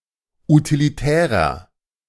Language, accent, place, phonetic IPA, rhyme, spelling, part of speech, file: German, Germany, Berlin, [utiliˈtɛːʁɐ], -ɛːʁɐ, utilitärer, adjective, De-utilitärer.ogg
- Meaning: inflection of utilitär: 1. strong/mixed nominative masculine singular 2. strong genitive/dative feminine singular 3. strong genitive plural